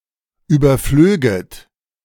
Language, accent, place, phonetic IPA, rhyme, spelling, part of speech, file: German, Germany, Berlin, [ˌyːbɐˈfløːɡət], -øːɡət, überflöget, verb, De-überflöget.ogg
- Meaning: second-person plural subjunctive II of überfliegen